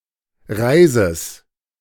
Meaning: genitive singular of Reis
- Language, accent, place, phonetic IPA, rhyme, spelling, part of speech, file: German, Germany, Berlin, [ˈʁaɪ̯zəs], -aɪ̯zəs, Reises, noun, De-Reises.ogg